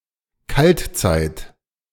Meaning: glacial (glacial period)
- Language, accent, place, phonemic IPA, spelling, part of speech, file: German, Germany, Berlin, /ˈkaltˌt͡saɪ̯t/, Kaltzeit, noun, De-Kaltzeit.ogg